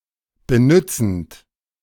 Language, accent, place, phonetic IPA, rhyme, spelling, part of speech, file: German, Germany, Berlin, [bəˈnʏt͡sn̩t], -ʏt͡sn̩t, benützend, verb, De-benützend.ogg
- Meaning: present participle of benützen